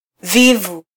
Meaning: idle; slow; lazy
- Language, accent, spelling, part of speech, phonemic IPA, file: Swahili, Kenya, vivu, adjective, /ˈvi.vu/, Sw-ke-vivu.flac